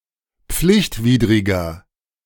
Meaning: 1. comparative degree of pflichtwidrig 2. inflection of pflichtwidrig: strong/mixed nominative masculine singular 3. inflection of pflichtwidrig: strong genitive/dative feminine singular
- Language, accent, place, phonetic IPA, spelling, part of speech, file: German, Germany, Berlin, [ˈp͡flɪçtˌviːdʁɪɡɐ], pflichtwidriger, adjective, De-pflichtwidriger.ogg